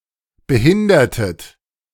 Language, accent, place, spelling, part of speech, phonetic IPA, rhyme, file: German, Germany, Berlin, behindertet, verb, [bəˈhɪndɐtət], -ɪndɐtət, De-behindertet.ogg
- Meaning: inflection of behindern: 1. second-person plural preterite 2. second-person plural subjunctive II